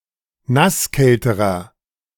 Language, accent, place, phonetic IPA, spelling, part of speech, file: German, Germany, Berlin, [ˈnasˌkɛltəʁɐ], nasskälterer, adjective, De-nasskälterer.ogg
- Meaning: inflection of nasskalt: 1. strong/mixed nominative masculine singular comparative degree 2. strong genitive/dative feminine singular comparative degree 3. strong genitive plural comparative degree